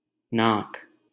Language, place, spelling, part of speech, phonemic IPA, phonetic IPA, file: Hindi, Delhi, नाक, noun / adjective, /nɑːk/, [näːk], LL-Q1568 (hin)-नाक.wav
- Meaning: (noun) 1. nose 2. mucus, phlegm; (adjective) happy, painless; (noun) 1. heaven 2. sky 3. sun